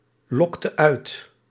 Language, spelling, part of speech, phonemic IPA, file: Dutch, lokte uit, verb, /ˈlɔktə ˈœyt/, Nl-lokte uit.ogg
- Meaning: inflection of uitlokken: 1. singular past indicative 2. singular past subjunctive